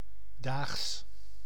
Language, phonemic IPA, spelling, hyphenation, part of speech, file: Dutch, /daːxs/, daags, daags, adverb / noun, Nl-daags.ogg
- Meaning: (adverb) daily, per day; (noun) genitive singular of dag